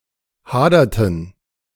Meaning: inflection of hadern: 1. first/third-person plural preterite 2. first/third-person plural subjunctive II
- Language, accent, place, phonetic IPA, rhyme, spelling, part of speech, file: German, Germany, Berlin, [ˈhaːdɐtn̩], -aːdɐtn̩, haderten, verb, De-haderten.ogg